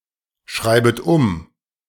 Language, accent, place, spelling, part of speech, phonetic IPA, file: German, Germany, Berlin, schreibet um, verb, [ˈʃʁaɪ̯bət ʊm], De-schreibet um.ogg
- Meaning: second-person plural subjunctive I of umschreiben